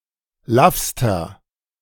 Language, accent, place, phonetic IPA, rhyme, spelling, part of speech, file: German, Germany, Berlin, [ˈlafstɐ], -afstɐ, laffster, adjective, De-laffster.ogg
- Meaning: inflection of laff: 1. strong/mixed nominative masculine singular superlative degree 2. strong genitive/dative feminine singular superlative degree 3. strong genitive plural superlative degree